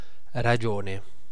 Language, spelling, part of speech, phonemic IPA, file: Italian, ragione, noun, /raˈd͡ʒone/, It-ragione.ogg